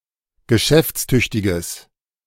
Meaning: strong/mixed nominative/accusative neuter singular of geschäftstüchtig
- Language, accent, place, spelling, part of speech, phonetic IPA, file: German, Germany, Berlin, geschäftstüchtiges, adjective, [ɡəˈʃɛft͡sˌtʏçtɪɡəs], De-geschäftstüchtiges.ogg